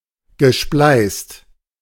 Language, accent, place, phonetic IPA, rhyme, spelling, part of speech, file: German, Germany, Berlin, [ɡəˈʃplaɪ̯st], -aɪ̯st, gespleißt, verb, De-gespleißt.ogg
- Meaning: past participle of spleißen